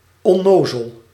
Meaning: 1. innocent 2. naive, gullible 3. silly, goofy 4. dumb, stupid 5. senseless, out of one's mind
- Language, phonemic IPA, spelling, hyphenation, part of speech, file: Dutch, /ɔˈnoː.zəl/, onnozel, on‧no‧zel, adjective, Nl-onnozel.ogg